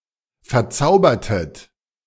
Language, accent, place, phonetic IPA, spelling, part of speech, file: German, Germany, Berlin, [fɛɐ̯ˈt͡saʊ̯bɐtət], verzaubertet, verb, De-verzaubertet.ogg
- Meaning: inflection of verzaubern: 1. second-person plural preterite 2. second-person plural subjunctive II